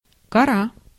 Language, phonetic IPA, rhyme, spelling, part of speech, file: Russian, [kɐˈra], -a, кора, noun, Ru-кора.ogg
- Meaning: 1. bark (of trees) 2. crust (of Earth or other planet) 3. cortex (of brain)